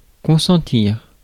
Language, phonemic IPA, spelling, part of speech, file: French, /kɔ̃.sɑ̃.tiʁ/, consentir, verb, Fr-consentir.ogg
- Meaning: to consent